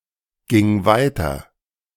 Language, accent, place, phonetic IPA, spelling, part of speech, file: German, Germany, Berlin, [ˌɡɪŋ ˈvaɪ̯tɐ], ging weiter, verb, De-ging weiter.ogg
- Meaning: first/third-person singular preterite of weitergehen